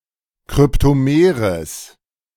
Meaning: strong/mixed nominative/accusative neuter singular of kryptomer
- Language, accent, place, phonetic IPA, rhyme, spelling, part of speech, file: German, Germany, Berlin, [kʁʏptoˈmeːʁəs], -eːʁəs, kryptomeres, adjective, De-kryptomeres.ogg